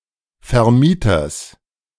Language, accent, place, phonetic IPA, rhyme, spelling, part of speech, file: German, Germany, Berlin, [fɛɐ̯ˈmiːtɐs], -iːtɐs, Vermieters, noun, De-Vermieters.ogg
- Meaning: genitive singular of Vermieter